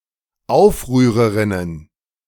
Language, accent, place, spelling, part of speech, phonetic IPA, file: German, Germany, Berlin, Aufrührerinnen, noun, [ˈaʊ̯fʁyːʁəˌʁɪnən], De-Aufrührerinnen.ogg
- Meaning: plural of Aufrührerin